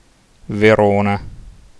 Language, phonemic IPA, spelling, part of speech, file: Italian, /veˈrona/, Verona, proper noun, It-Verona.ogg